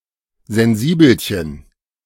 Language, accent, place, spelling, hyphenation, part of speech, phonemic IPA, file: German, Germany, Berlin, Sensibelchen, Sen‧si‧bel‧chen, noun, /zɛnˈziːbl̩ˌçən/, De-Sensibelchen.ogg
- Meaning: extremely sensitive person